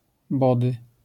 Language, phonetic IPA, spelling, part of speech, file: Polish, [ˈbɔdɨ], body, noun, LL-Q809 (pol)-body.wav